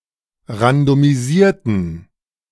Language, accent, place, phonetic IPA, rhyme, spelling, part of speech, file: German, Germany, Berlin, [ʁandomiˈziːɐ̯tn̩], -iːɐ̯tn̩, randomisierten, adjective / verb, De-randomisierten.ogg
- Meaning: inflection of randomisiert: 1. strong genitive masculine/neuter singular 2. weak/mixed genitive/dative all-gender singular 3. strong/weak/mixed accusative masculine singular 4. strong dative plural